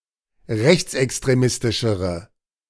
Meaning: inflection of rechtsextremistisch: 1. strong/mixed nominative/accusative feminine singular comparative degree 2. strong nominative/accusative plural comparative degree
- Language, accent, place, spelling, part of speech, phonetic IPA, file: German, Germany, Berlin, rechtsextremistischere, adjective, [ˈʁɛçt͡sʔɛkstʁeˌmɪstɪʃəʁə], De-rechtsextremistischere.ogg